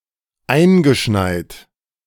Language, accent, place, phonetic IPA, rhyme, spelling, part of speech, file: German, Germany, Berlin, [ˈaɪ̯nɡəˌʃnaɪ̯t], -aɪ̯nɡəʃnaɪ̯t, eingeschneit, verb, De-eingeschneit.ogg
- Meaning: snowed in; past participle of einschneien